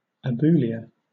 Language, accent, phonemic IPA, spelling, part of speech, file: English, Southern England, /əˈb(j)uː.lɪə/, abulia, noun, LL-Q1860 (eng)-abulia.wav
- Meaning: Absence of willpower or decisiveness, especially as a symptom of mental illness